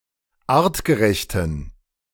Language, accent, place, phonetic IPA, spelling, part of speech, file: German, Germany, Berlin, [ˈaːʁtɡəˌʁɛçtn̩], artgerechten, adjective, De-artgerechten.ogg
- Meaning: inflection of artgerecht: 1. strong genitive masculine/neuter singular 2. weak/mixed genitive/dative all-gender singular 3. strong/weak/mixed accusative masculine singular 4. strong dative plural